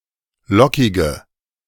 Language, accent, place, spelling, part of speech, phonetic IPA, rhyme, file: German, Germany, Berlin, lockige, adjective, [ˈlɔkɪɡə], -ɔkɪɡə, De-lockige.ogg
- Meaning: inflection of lockig: 1. strong/mixed nominative/accusative feminine singular 2. strong nominative/accusative plural 3. weak nominative all-gender singular 4. weak accusative feminine/neuter singular